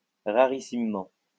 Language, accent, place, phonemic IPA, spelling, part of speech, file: French, France, Lyon, /ʁa.ʁi.sim.mɑ̃/, rarissimement, adverb, LL-Q150 (fra)-rarissimement.wav
- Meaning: Very rarely